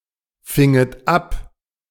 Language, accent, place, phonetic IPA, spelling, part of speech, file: German, Germany, Berlin, [ˌfɪŋət ˈap], finget ab, verb, De-finget ab.ogg
- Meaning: second-person plural subjunctive II of abfangen